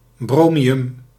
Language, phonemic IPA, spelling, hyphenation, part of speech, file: Dutch, /ˈbroː.mi.ʏm/, bromium, bro‧mi‧um, noun, Nl-bromium.ogg
- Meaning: bromine